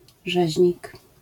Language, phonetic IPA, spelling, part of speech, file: Polish, [ˈʒɛʑɲik], rzeźnik, noun, LL-Q809 (pol)-rzeźnik.wav